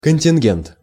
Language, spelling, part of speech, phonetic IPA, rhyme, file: Russian, контингент, noun, [kənʲtʲɪnˈɡʲent], -ent, Ru-контингент.ogg
- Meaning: contingent; quota (of troops)